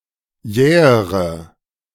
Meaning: inflection of jäh: 1. strong/mixed nominative/accusative feminine singular comparative degree 2. strong nominative/accusative plural comparative degree
- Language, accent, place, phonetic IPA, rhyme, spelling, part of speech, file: German, Germany, Berlin, [ˈjɛːəʁə], -ɛːəʁə, jähere, adjective, De-jähere.ogg